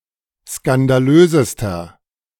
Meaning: inflection of skandalös: 1. strong/mixed nominative masculine singular superlative degree 2. strong genitive/dative feminine singular superlative degree 3. strong genitive plural superlative degree
- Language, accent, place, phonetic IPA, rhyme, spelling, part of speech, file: German, Germany, Berlin, [skandaˈløːzəstɐ], -øːzəstɐ, skandalösester, adjective, De-skandalösester.ogg